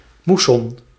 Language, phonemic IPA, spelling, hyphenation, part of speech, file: Dutch, /ˈmu.sɔn/, moesson, moes‧son, noun, Nl-moesson.ogg
- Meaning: monsoon